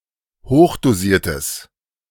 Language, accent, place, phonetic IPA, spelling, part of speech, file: German, Germany, Berlin, [ˈhoːxdoˌziːɐ̯təs], hochdosiertes, adjective, De-hochdosiertes.ogg
- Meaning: strong/mixed nominative/accusative neuter singular of hochdosiert